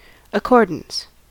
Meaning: 1. Agreement; harmony; conformity; compliance 2. The act of granting something
- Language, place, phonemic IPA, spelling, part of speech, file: English, California, /əˈkoɹ.dəns/, accordance, noun, En-us-accordance.ogg